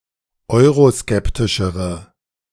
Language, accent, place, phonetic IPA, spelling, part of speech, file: German, Germany, Berlin, [ˈɔɪ̯ʁoˌskɛptɪʃəʁə], euroskeptischere, adjective, De-euroskeptischere.ogg
- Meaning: inflection of euroskeptisch: 1. strong/mixed nominative/accusative feminine singular comparative degree 2. strong nominative/accusative plural comparative degree